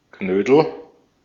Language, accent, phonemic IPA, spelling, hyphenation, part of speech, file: German, Austria, /ˈɡ̥nøːd̥l̩/, Knödel, Knö‧del, noun, De-at-Knödel.ogg
- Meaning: 1. dumpling 2. bucks, dosh, dough, moola (money)